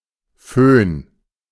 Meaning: 1. foehn (warm wind which appears on the leeward side of mountains, for example on the northern side of the alps in south Germany) 2. hair dryer
- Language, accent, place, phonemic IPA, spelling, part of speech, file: German, Germany, Berlin, /føːn/, Föhn, noun, De-Föhn.ogg